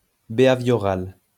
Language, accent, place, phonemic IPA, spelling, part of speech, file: French, France, Lyon, /be.a.vjɔ.ʁal/, béhavioral, adjective, LL-Q150 (fra)-béhavioral.wav
- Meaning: behavioural